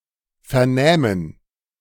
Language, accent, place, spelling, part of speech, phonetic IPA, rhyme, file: German, Germany, Berlin, vernähmen, verb, [fɛɐ̯ˈnɛːmən], -ɛːmən, De-vernähmen.ogg
- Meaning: first-person plural subjunctive II of vernehmen